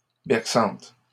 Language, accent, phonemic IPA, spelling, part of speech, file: French, Canada, /bɛʁ.sɑ̃t/, berçante, adjective, LL-Q150 (fra)-berçante.wav
- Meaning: feminine singular of berçant